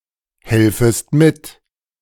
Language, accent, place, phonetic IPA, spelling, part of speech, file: German, Germany, Berlin, [ˌhɛlfəst ˈmɪt], helfest mit, verb, De-helfest mit.ogg
- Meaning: second-person singular subjunctive I of mithelfen